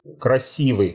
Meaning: short plural of краси́вый (krasívyj)
- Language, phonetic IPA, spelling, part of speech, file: Russian, [krɐˈsʲivɨ], красивы, adjective, Ru-красивы.ogg